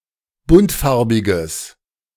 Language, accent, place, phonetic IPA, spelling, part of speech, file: German, Germany, Berlin, [ˈbʊntˌfaʁbɪɡəs], buntfarbiges, adjective, De-buntfarbiges.ogg
- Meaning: strong/mixed nominative/accusative neuter singular of buntfarbig